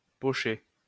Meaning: 1. to punch 2. to poach; to cook by poaching 3. to sketch; to make a sketch of
- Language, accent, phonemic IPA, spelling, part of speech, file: French, France, /pɔ.ʃe/, pocher, verb, LL-Q150 (fra)-pocher.wav